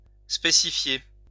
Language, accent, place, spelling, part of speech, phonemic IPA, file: French, France, Lyon, spécifier, verb, /spe.si.fje/, LL-Q150 (fra)-spécifier.wav
- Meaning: to specify